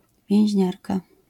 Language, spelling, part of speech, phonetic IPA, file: Polish, więźniarka, noun, [vʲjɛ̃w̃ʑˈɲarka], LL-Q809 (pol)-więźniarka.wav